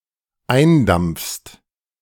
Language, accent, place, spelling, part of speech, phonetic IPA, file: German, Germany, Berlin, eindampfst, verb, [ˈaɪ̯nˌdamp͡fst], De-eindampfst.ogg
- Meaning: second-person singular dependent present of eindampfen